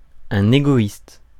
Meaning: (adjective) selfish; egotistic; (noun) egoist
- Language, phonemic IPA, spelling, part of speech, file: French, /e.ɡo.ist/, égoïste, adjective / noun, Fr-égoïste.ogg